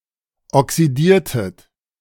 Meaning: inflection of oxidieren: 1. second-person plural preterite 2. second-person plural subjunctive II
- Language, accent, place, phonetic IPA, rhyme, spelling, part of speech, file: German, Germany, Berlin, [ɔksiˈdiːɐ̯tət], -iːɐ̯tət, oxidiertet, verb, De-oxidiertet.ogg